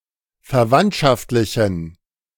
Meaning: inflection of verwandtschaftlich: 1. strong genitive masculine/neuter singular 2. weak/mixed genitive/dative all-gender singular 3. strong/weak/mixed accusative masculine singular
- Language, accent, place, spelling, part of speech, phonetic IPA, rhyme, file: German, Germany, Berlin, verwandtschaftlichen, adjective, [fɛɐ̯ˈvantʃaftlɪçn̩], -antʃaftlɪçn̩, De-verwandtschaftlichen.ogg